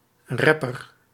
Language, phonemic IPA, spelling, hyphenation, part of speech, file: Dutch, /ˈrɛpər/, rapper, rap‧per, noun, Nl-rapper1.ogg
- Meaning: rapper (performer of rap music)